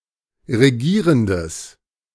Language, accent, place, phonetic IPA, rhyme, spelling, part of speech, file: German, Germany, Berlin, [ʁeˈɡiːʁəndəs], -iːʁəndəs, regierendes, adjective, De-regierendes.ogg
- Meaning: strong/mixed nominative/accusative neuter singular of regierend